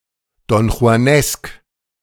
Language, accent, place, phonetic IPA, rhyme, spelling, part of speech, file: German, Germany, Berlin, [dɔnxu̯aˈnɛsk], -ɛsk, donjuanesk, adjective, De-donjuanesk.ogg
- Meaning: donjuanist